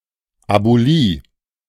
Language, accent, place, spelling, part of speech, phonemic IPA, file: German, Germany, Berlin, Abulie, noun, /abuˈliː/, De-Abulie.ogg
- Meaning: The condition abulia, absence of will-power or decisiveness